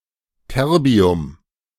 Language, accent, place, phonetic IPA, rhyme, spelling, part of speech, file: German, Germany, Berlin, [ˈtɛʁbi̯ʊm], -ɛʁbi̯ʊm, Terbium, noun, De-Terbium.ogg
- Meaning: terbium